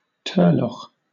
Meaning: A temporary lake in an area of limestone, filled by rising groundwater during the rainy winter season
- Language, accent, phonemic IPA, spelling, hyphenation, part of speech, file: English, Southern England, /ˈtɜː.lɒx/, turlough, tur‧lough, noun, LL-Q1860 (eng)-turlough.wav